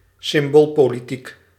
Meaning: political symbolism, symbolic politics
- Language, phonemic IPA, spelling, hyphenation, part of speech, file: Dutch, /sɪmˈboːl.poː.liˌtik/, symboolpolitiek, sym‧bool‧po‧li‧tiek, noun, Nl-symboolpolitiek.ogg